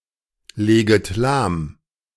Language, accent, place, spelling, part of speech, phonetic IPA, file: German, Germany, Berlin, leget lahm, verb, [ˌleːɡət ˈlaːm], De-leget lahm.ogg
- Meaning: second-person plural subjunctive I of lahmlegen